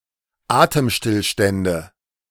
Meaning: nominative/accusative/genitive plural of Atemstillstand
- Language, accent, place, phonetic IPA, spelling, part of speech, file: German, Germany, Berlin, [ˈaːtəmˌʃtɪlʃtɛndə], Atemstillstände, noun, De-Atemstillstände.ogg